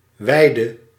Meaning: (noun) synonym of wilg (“willow”); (verb) singular present subjunctive of wijden; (adjective) inflection of wijd: 1. masculine/feminine singular attributive 2. definite neuter singular attributive
- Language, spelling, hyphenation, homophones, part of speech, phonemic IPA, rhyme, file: Dutch, wijde, wij‧de, weide, noun / verb / adjective, /ˈʋɛi̯.də/, -ɛi̯də, Nl-wijde.ogg